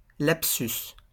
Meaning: lapsus
- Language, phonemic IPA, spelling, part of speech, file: French, /lap.sys/, lapsus, noun, LL-Q150 (fra)-lapsus.wav